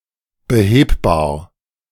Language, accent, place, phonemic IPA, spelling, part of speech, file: German, Germany, Berlin, /bəˈhepbaːɐ̯/, behebbar, adjective, De-behebbar.ogg
- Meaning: fixable